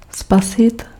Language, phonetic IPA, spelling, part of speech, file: Czech, [ˈspasɪt], spasit, verb, Cs-spasit.ogg
- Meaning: to save